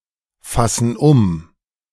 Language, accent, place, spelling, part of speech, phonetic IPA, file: German, Germany, Berlin, fassen um, verb, [ˌfasn̩ ˈʊm], De-fassen um.ogg
- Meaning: inflection of umfassen: 1. first/third-person plural present 2. first/third-person plural subjunctive I